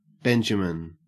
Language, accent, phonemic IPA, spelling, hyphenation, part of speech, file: English, Australia, /ˈbɛnd͡ʒəmɪn/, benjamin, ben‧ja‧min, noun, En-au-benjamin.ogg
- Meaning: A balsamic resin from the bark of Styrax trees used in perfumes, incense, and medicine; benzoin resin